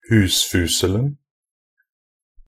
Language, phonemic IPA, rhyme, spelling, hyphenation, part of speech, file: Norwegian Bokmål, /ˈhʉːsfʉːsəln̩/, -əln̩, husfuselen, hus‧fus‧el‧en, noun, Nb-husfuselen.ogg
- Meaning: definite singular of husfusel